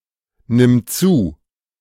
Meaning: singular imperative of zunehmen
- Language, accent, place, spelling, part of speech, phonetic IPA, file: German, Germany, Berlin, nimm zu, verb, [ˌnɪm ˈt͡suː], De-nimm zu.ogg